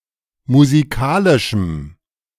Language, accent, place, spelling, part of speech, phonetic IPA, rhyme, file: German, Germany, Berlin, musikalischem, adjective, [muziˈkaːlɪʃm̩], -aːlɪʃm̩, De-musikalischem.ogg
- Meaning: strong dative masculine/neuter singular of musikalisch